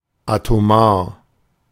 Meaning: atomic
- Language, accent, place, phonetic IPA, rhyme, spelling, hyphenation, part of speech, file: German, Germany, Berlin, [atoˈmaːɐ̯], -aːɐ̯, atomar, ato‧mar, adjective, De-atomar.ogg